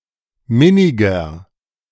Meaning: 1. comparative degree of minnig 2. inflection of minnig: strong/mixed nominative masculine singular 3. inflection of minnig: strong genitive/dative feminine singular
- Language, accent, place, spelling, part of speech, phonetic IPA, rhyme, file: German, Germany, Berlin, minniger, adjective, [ˈmɪnɪɡɐ], -ɪnɪɡɐ, De-minniger.ogg